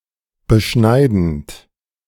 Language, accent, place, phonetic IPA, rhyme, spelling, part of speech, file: German, Germany, Berlin, [bəˈʃnaɪ̯dn̩t], -aɪ̯dn̩t, beschneidend, verb, De-beschneidend.ogg
- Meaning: present participle of beschneiden